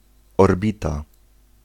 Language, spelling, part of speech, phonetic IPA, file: Polish, orbita, noun, [ɔrˈbʲita], Pl-orbita.ogg